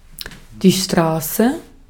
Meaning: street; road (a way wide enough to be passable for vehicles, generally paved, in or outside a settlement)
- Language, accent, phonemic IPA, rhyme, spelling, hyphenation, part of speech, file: German, Austria, /ˈʃtʁaːsə/, -aːsə, Straße, Stra‧ße, noun, De-at-Straße.ogg